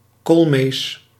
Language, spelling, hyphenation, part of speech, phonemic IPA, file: Dutch, koolmees, kool‧mees, noun, /ˈkoːl.meːs/, Nl-koolmees.ogg
- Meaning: great tit (Parus major)